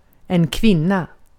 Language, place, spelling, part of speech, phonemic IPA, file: Swedish, Gotland, kvinna, noun, /²kvɪnːˌa/, Sv-kvinna.ogg
- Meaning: a woman